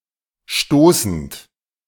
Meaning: present participle of stoßen
- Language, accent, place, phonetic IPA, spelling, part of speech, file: German, Germany, Berlin, [ˈʃtoːsn̩t], stoßend, verb, De-stoßend.ogg